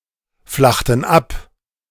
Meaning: inflection of abflachen: 1. first/third-person plural preterite 2. first/third-person plural subjunctive II
- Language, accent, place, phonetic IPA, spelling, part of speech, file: German, Germany, Berlin, [ˌflaxtn̩ ˈap], flachten ab, verb, De-flachten ab.ogg